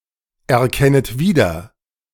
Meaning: second-person plural subjunctive I of wiedererkennen
- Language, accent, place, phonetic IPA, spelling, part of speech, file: German, Germany, Berlin, [ɛɐ̯ˌkɛnət ˈviːdɐ], erkennet wieder, verb, De-erkennet wieder.ogg